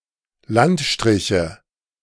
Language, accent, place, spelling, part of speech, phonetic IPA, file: German, Germany, Berlin, Landstriche, noun, [ˈlantˌʃtʁɪçə], De-Landstriche.ogg
- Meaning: nominative/accusative/genitive plural of Landstrich